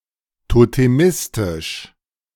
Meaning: totemistic
- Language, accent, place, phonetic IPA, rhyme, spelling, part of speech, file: German, Germany, Berlin, [toteˈmɪstɪʃ], -ɪstɪʃ, totemistisch, adjective, De-totemistisch.ogg